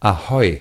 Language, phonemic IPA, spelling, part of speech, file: German, /aˈhɔʏ̯/, ahoi, interjection, De-ahoi.ogg
- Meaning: general greeting between ships